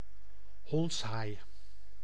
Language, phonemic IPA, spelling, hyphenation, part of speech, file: Dutch, /ˈɦɔnts.ɦaːi̯/, hondshaai, honds‧haai, noun, Nl-hondshaai.ogg
- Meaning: sandy dogfish, small-spotted catshark (Scyliorhinus canicula)